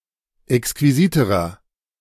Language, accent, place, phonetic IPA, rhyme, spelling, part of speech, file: German, Germany, Berlin, [ɛkskviˈziːtəʁɐ], -iːtəʁɐ, exquisiterer, adjective, De-exquisiterer.ogg
- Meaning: inflection of exquisit: 1. strong/mixed nominative masculine singular comparative degree 2. strong genitive/dative feminine singular comparative degree 3. strong genitive plural comparative degree